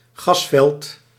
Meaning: gas field
- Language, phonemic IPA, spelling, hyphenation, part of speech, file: Dutch, /ˈɣɑsvɛlt/, gasveld, gas‧veld, noun, Nl-gasveld.ogg